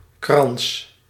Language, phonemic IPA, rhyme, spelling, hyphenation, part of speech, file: Dutch, /krɑns/, -ɑns, krans, krans, noun, Nl-krans.ogg
- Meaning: wreath